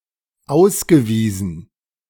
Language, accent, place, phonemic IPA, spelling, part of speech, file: German, Germany, Berlin, /ˈaʊ̯sɡəˌviːzn̩/, ausgewiesen, verb / adjective, De-ausgewiesen.ogg
- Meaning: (verb) past participle of ausweisen; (adjective) proven, confirmed